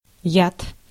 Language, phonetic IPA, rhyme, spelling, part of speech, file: Russian, [jat], -at, яд, noun, Ru-яд.ogg
- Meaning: 1. poison, venom 2. something or someone that has a harmful effect on someone